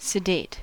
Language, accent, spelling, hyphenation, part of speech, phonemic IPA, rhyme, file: English, General American, sedate, sed‧ate, adjective / verb, /səˈdeɪt/, -eɪt, En-us-sedate.ogg
- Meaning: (adjective) Of a person or animal, or their behaviour: calm and composed (often in a dignified manner), and avoiding or unaffected by activity or excitement